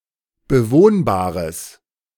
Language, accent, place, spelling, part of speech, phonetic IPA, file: German, Germany, Berlin, bewohnbares, adjective, [bəˈvoːnbaːʁəs], De-bewohnbares.ogg
- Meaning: strong/mixed nominative/accusative neuter singular of bewohnbar